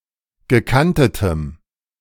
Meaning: strong dative masculine/neuter singular of gekantet
- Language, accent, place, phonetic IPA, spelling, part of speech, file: German, Germany, Berlin, [ɡəˈkantətəm], gekantetem, adjective, De-gekantetem.ogg